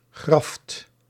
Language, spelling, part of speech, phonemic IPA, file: Dutch, graft, noun, /ɣrɑft/, Nl-graft.ogg
- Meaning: 1. obsolete form of gracht (“canal”) 2. obsolete form of gracht (“grave”)